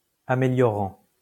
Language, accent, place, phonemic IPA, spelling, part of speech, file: French, France, Lyon, /a.me.ljɔ.ʁɑ̃/, améliorant, verb / adjective, LL-Q150 (fra)-améliorant.wav
- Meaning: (verb) present participle of améliorer; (adjective) ameliorating